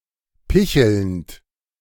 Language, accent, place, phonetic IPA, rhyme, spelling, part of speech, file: German, Germany, Berlin, [ˈpɪçl̩nt], -ɪçl̩nt, pichelnd, verb, De-pichelnd.ogg
- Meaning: present participle of picheln